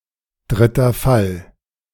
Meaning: dative case
- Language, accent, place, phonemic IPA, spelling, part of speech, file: German, Germany, Berlin, /ˌdʁɪtɐ ˈfal/, dritter Fall, noun, De-dritter Fall.ogg